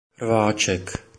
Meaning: 1. diminutive of rváč (“brawler”) 2. flanker 3. position of flanker
- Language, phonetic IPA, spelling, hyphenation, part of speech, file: Czech, [ˈrvaːt͡ʃɛk], rváček, rvá‧ček, noun, Cs-rváček.oga